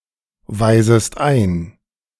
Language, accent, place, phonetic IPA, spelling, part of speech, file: German, Germany, Berlin, [ˌvaɪ̯zəst ˈaɪ̯n], weisest ein, verb, De-weisest ein.ogg
- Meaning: second-person singular subjunctive I of einweisen